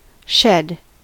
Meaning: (verb) 1. To part, separate or divide 2. To part with, separate from, leave off; cast off, cast, let fall, be divested of 3. To pour; to make flow 4. To allow to flow or fall
- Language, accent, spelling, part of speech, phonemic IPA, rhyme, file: English, US, shed, verb / noun, /ʃɛd/, -ɛd, En-us-shed.ogg